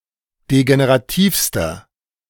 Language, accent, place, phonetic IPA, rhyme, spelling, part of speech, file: German, Germany, Berlin, [deɡeneʁaˈtiːfstɐ], -iːfstɐ, degenerativster, adjective, De-degenerativster.ogg
- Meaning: inflection of degenerativ: 1. strong/mixed nominative masculine singular superlative degree 2. strong genitive/dative feminine singular superlative degree 3. strong genitive plural superlative degree